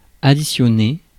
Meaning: to sum; to add (add together)
- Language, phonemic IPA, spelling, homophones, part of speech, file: French, /a.di.sjɔ.ne/, additionner, additionnai / additionné / additionnée / additionnées / additionnés / additionnez, verb, Fr-additionner.ogg